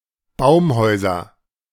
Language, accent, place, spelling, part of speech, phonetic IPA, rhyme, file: German, Germany, Berlin, Baumhäuser, noun, [ˈbaʊ̯mˌhɔɪ̯zɐ], -aʊ̯mhɔɪ̯zɐ, De-Baumhäuser.ogg
- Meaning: nominative/accusative/genitive plural of Baumhaus